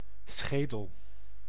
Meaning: 1. skull 2. death's-head 3. mound's crest or crown
- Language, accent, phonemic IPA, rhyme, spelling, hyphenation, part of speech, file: Dutch, Netherlands, /ˈsxeː.dəl/, -eːdəl, schedel, sche‧del, noun, Nl-schedel.ogg